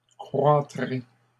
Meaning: second-person plural future of croître
- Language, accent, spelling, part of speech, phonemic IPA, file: French, Canada, croîtrez, verb, /kʁwa.tʁe/, LL-Q150 (fra)-croîtrez.wav